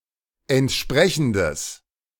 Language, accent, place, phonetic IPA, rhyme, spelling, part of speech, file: German, Germany, Berlin, [ɛntˈʃpʁɛçn̩dəs], -ɛçn̩dəs, entsprechendes, adjective, De-entsprechendes.ogg
- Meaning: strong/mixed nominative/accusative neuter singular of entsprechend